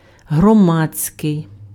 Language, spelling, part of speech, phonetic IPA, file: Ukrainian, громадський, adjective, [ɦrɔˈmad͡zʲsʲkei̯], Uk-громадський.ogg
- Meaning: public (pertaining to the public realm)